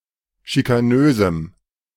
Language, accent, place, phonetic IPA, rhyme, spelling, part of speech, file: German, Germany, Berlin, [ʃikaˈnøːzm̩], -øːzm̩, schikanösem, adjective, De-schikanösem.ogg
- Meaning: strong dative masculine/neuter singular of schikanös